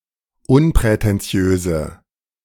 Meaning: inflection of unprätentiös: 1. strong/mixed nominative/accusative feminine singular 2. strong nominative/accusative plural 3. weak nominative all-gender singular
- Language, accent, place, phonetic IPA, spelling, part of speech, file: German, Germany, Berlin, [ˈʊnpʁɛtɛnˌt͡si̯øːzə], unprätentiöse, adjective, De-unprätentiöse.ogg